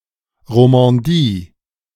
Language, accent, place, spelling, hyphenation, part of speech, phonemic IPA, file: German, Germany, Berlin, Romandie, Ro‧man‧die, proper noun, /ʁomɑ̃ˈdiː/, De-Romandie.ogg
- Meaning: Romandy